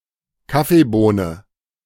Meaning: coffee bean
- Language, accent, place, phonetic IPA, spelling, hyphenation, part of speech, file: German, Germany, Berlin, [ˈkafeˌboːnə], Kaffeebohne, Kaf‧fee‧boh‧ne, noun, De-Kaffeebohne.ogg